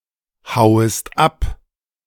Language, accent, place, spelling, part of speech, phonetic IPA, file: German, Germany, Berlin, hauest ab, verb, [ˌhaʊ̯əst ˈap], De-hauest ab.ogg
- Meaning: second-person singular subjunctive I of abhauen